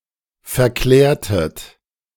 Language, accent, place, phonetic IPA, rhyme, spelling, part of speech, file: German, Germany, Berlin, [fɛɐ̯ˈklɛːɐ̯tət], -ɛːɐ̯tət, verklärtet, verb, De-verklärtet.ogg
- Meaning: inflection of verklären: 1. second-person plural preterite 2. second-person plural subjunctive II